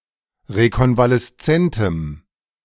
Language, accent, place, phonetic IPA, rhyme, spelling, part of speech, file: German, Germany, Berlin, [ʁekɔnvalɛsˈt͡sɛntəm], -ɛntəm, rekonvaleszentem, adjective, De-rekonvaleszentem.ogg
- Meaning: strong dative masculine/neuter singular of rekonvaleszent